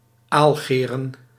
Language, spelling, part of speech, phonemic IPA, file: Dutch, aalgeren, noun, /ˈalɣerə(n)/, Nl-aalgeren.ogg
- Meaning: plural of aalgeer